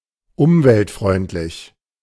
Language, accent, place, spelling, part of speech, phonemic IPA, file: German, Germany, Berlin, umweltfreundlich, adjective, /ˈʊmvɛltˌfʁɔɪ̯ntlɪç/, De-umweltfreundlich.ogg
- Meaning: environmentally friendly